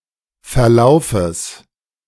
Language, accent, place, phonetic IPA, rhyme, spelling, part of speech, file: German, Germany, Berlin, [fɛɐ̯ˈlaʊ̯fəs], -aʊ̯fəs, Verlaufes, noun, De-Verlaufes.ogg
- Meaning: genitive singular of Verlauf